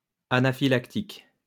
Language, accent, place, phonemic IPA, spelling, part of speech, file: French, France, Lyon, /a.na.fi.lak.tik/, anaphylactique, adjective, LL-Q150 (fra)-anaphylactique.wav
- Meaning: anaphylactic